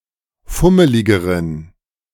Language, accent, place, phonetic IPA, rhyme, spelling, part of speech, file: German, Germany, Berlin, [ˈfʊməlɪɡəʁən], -ʊməlɪɡəʁən, fummeligeren, adjective, De-fummeligeren.ogg
- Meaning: inflection of fummelig: 1. strong genitive masculine/neuter singular comparative degree 2. weak/mixed genitive/dative all-gender singular comparative degree